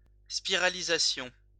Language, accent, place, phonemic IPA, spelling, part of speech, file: French, France, Lyon, /spi.ʁa.li.za.sjɔ̃/, spiralisation, noun, LL-Q150 (fra)-spiralisation.wav
- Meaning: spiralization